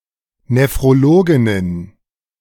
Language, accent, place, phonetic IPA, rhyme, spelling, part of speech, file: German, Germany, Berlin, [nefʁoˈloːɡɪnən], -oːɡɪnən, Nephrologinnen, noun, De-Nephrologinnen.ogg
- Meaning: plural of Nephrologin